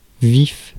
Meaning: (adjective) 1. alive 2. lively, brisk 3. vivid, bright 4. keen, sharp 5. poignant, cutting, sharp 6. sharp, jagged 7. acute, intense, strong 8. great, deep; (noun) living person
- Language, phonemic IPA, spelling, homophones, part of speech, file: French, /vif/, vif, vifs, adjective / noun, Fr-vif.ogg